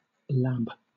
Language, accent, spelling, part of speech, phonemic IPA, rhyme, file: English, Southern England, lab, noun / verb, /læːb/, -æb, LL-Q1860 (eng)-lab.wav
- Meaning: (noun) 1. A laboratory 2. Laboratory experiment, test, investigation or result 3. A hands-on educational experience; a workshop; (verb) To practise experimentally outside of competitive play